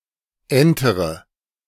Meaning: inflection of entern: 1. first-person singular present 2. first-person plural subjunctive I 3. third-person singular subjunctive I 4. singular imperative
- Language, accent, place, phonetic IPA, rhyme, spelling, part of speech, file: German, Germany, Berlin, [ˈɛntəʁə], -ɛntəʁə, entere, adjective / verb, De-entere.ogg